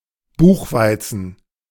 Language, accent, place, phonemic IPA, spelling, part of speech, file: German, Germany, Berlin, /ˈbuːxˌvaɪ̯tsən/, Buchweizen, noun, De-Buchweizen.ogg
- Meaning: buckwheat